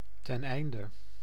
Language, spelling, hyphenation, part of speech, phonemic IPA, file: Dutch, teneinde, ten‧ein‧de, conjunction, /ˌtɛnˈɛi̯n.də/, Nl-teneinde.ogg
- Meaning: in order to, so as to